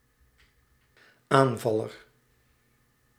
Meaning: 1. attacker 2. attacker, striker
- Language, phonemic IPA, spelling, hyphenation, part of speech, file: Dutch, /ˌaːnˈvɑ.lər/, aanvaller, aan‧val‧ler, noun, Nl-aanvaller.ogg